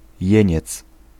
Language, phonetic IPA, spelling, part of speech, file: Polish, [ˈjɛ̇̃ɲɛt͡s], jeniec, noun, Pl-jeniec.ogg